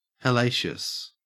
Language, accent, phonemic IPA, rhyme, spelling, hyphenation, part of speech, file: English, Australia, /hɛˈleɪʃəs/, -eɪʃəs, hellacious, hel‧la‧cious, adjective, En-au-hellacious.ogg
- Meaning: 1. horrible, awful, hellish, agonizing, difficult 2. nasty, repellent 3. Remarkable, unbelievable, unusual